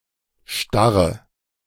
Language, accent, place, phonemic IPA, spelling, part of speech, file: German, Germany, Berlin, /ˈʃtaʁə/, Starre, noun, De-Starre.ogg
- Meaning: rigidity, stiffness